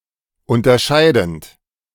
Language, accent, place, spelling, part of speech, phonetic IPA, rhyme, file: German, Germany, Berlin, unterscheidend, verb, [ˌʊntɐˈʃaɪ̯dn̩t], -aɪ̯dn̩t, De-unterscheidend.ogg
- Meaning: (verb) present participle of unterscheiden; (adjective) distinguishing, distinctive, differential